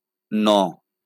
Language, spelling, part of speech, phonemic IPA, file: Bengali, ণ, character, /nɔ/, LL-Q9610 (ben)-ণ.wav
- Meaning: The 26th character in the Bengali alphabet